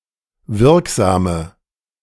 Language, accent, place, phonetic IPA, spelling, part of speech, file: German, Germany, Berlin, [ˈvɪʁkˌzaːmə], wirksame, adjective, De-wirksame.ogg
- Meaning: inflection of wirksam: 1. strong/mixed nominative/accusative feminine singular 2. strong nominative/accusative plural 3. weak nominative all-gender singular 4. weak accusative feminine/neuter singular